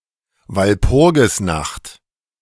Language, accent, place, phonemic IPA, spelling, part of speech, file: German, Germany, Berlin, /valˈpʊrɡɪsnaxt/, Walpurgisnacht, noun, De-Walpurgisnacht.ogg
- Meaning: Walpurgis night